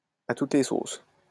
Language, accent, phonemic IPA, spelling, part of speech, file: French, France, /a tut le sos/, à toutes les sauces, adverb, LL-Q150 (fra)-à toutes les sauces.wav
- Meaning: constantly, at every turn, every which way